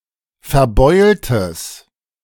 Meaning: strong/mixed nominative/accusative neuter singular of verbeult
- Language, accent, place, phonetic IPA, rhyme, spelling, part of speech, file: German, Germany, Berlin, [fɛɐ̯ˈbɔɪ̯ltəs], -ɔɪ̯ltəs, verbeultes, adjective, De-verbeultes.ogg